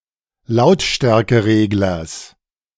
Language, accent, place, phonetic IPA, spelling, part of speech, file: German, Germany, Berlin, [ˈlaʊ̯tʃtɛʁkəˌʁeːɡlɐs], Lautstärkereglers, noun, De-Lautstärkereglers.ogg
- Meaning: genitive singular of Lautstärkeregler